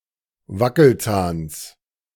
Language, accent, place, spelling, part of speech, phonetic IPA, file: German, Germany, Berlin, Wackelzahns, noun, [ˈvakl̩ˌt͡saːns], De-Wackelzahns.ogg
- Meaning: genitive singular of Wackelzahn